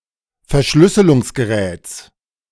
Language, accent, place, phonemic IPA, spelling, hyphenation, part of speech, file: German, Germany, Berlin, /fɛɐ̯ˈʃlʏsəlʊŋsɡəˌʁɛːts/, Verschlüsselungsgeräts, Ver‧schlüs‧se‧lungs‧ge‧räts, noun, De-Verschlüsselungsgeräts.ogg
- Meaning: genitive singular of Verschlüsselungsgerät